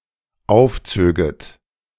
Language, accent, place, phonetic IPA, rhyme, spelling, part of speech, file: German, Germany, Berlin, [ˈaʊ̯fˌt͡søːɡət], -aʊ̯ft͡søːɡət, aufzöget, verb, De-aufzöget.ogg
- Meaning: second-person plural dependent subjunctive II of aufziehen